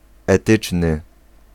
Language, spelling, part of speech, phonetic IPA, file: Polish, etyczny, adjective, [ɛˈtɨt͡ʃnɨ], Pl-etyczny.ogg